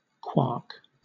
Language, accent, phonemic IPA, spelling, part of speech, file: English, Southern England, /kwɑːk/, quark, noun, LL-Q1860 (eng)-quark.wav